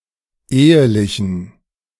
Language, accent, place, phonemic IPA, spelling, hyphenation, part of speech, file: German, Germany, Berlin, /ˈeːəlɪçn̩/, ehelichen, ehe‧li‧chen, verb / adjective, De-ehelichen.ogg
- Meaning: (verb) to espouse; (adjective) inflection of ehelich: 1. strong genitive masculine/neuter singular 2. weak/mixed genitive/dative all-gender singular 3. strong/weak/mixed accusative masculine singular